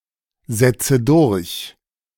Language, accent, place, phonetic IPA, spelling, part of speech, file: German, Germany, Berlin, [ˌzɛt͡sə ˈdʊʁç], setze durch, verb, De-setze durch.ogg
- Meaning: inflection of durchsetzen: 1. first-person singular present 2. first/third-person singular subjunctive I 3. singular imperative